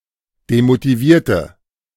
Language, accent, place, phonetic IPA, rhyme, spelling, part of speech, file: German, Germany, Berlin, [demotiˈviːɐ̯tə], -iːɐ̯tə, demotivierte, adjective / verb, De-demotivierte.ogg
- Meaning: inflection of demotiviert: 1. strong/mixed nominative/accusative feminine singular 2. strong nominative/accusative plural 3. weak nominative all-gender singular